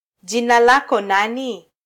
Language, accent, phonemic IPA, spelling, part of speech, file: Swahili, Kenya, /ˈʄi.nɑ ˈlɑ.kɔ ˈnɑ.ni/, jina lako nani, phrase, Sw-ke-jina lako nani.flac
- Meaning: what is your name?